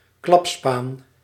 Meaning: snitch, telltale
- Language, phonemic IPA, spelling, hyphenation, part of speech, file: Dutch, /ˈklɑp.spaːn/, klapspaan, klap‧spaan, noun, Nl-klapspaan.ogg